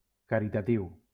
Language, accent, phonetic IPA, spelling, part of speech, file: Catalan, Valencia, [ka.ɾi.taˈtiw], caritatiu, adjective, LL-Q7026 (cat)-caritatiu.wav
- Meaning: charitable